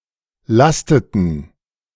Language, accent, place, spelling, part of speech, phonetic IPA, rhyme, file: German, Germany, Berlin, lasteten, verb, [ˈlastətn̩], -astətn̩, De-lasteten.ogg
- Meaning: inflection of lasten: 1. first/third-person plural preterite 2. first/third-person plural subjunctive II